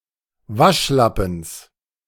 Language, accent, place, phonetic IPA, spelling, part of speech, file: German, Germany, Berlin, [ˈvaʃˌlapn̩s], Waschlappens, noun, De-Waschlappens.ogg
- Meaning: genitive singular of Waschlappen